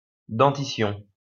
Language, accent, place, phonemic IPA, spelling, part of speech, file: French, France, Lyon, /dɑ̃.ti.sjɔ̃/, dentition, noun, LL-Q150 (fra)-dentition.wav
- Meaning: dentition